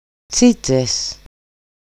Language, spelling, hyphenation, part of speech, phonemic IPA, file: Greek, τσίτσες, τσί‧τσες, noun, /ˈtsitses/, EL-τσίτσες.ogg
- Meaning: nominative/accusative/vocative plural of τσίτσα (tsítsa)